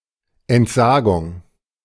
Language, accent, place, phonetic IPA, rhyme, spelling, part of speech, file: German, Germany, Berlin, [ɛntˈzaːɡʊŋ], -aːɡʊŋ, Entsagung, noun, De-Entsagung.ogg
- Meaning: 1. renunciation, abjuration 2. resignation